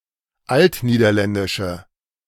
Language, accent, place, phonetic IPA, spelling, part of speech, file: German, Germany, Berlin, [ˈaltniːdɐˌlɛndɪʃə], altniederländische, adjective, De-altniederländische.ogg
- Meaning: inflection of altniederländisch: 1. strong/mixed nominative/accusative feminine singular 2. strong nominative/accusative plural 3. weak nominative all-gender singular